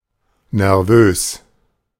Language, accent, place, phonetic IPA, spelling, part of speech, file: German, Germany, Berlin, [nɛɐ̯ˈvøːs], nervös, adjective, De-nervös.ogg
- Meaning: 1. nervous (anxious) 2. jumpy